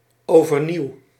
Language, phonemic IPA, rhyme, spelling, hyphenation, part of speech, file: Dutch, /ˌoː.vərˈniu̯/, -iu̯, overnieuw, over‧nieuw, adverb, Nl-overnieuw.ogg
- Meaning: again (suggesting a complete retry in a different way)